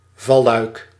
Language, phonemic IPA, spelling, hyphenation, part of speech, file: Dutch, /ˈvɑ.lœy̯k/, valluik, val‧luik, noun, Nl-valluik.ogg
- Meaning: trapdoor